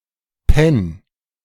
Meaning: 1. singular imperative of pennen 2. first-person singular present of pennen
- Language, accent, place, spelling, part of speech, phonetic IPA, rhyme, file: German, Germany, Berlin, penn, verb, [pɛn], -ɛn, De-penn.ogg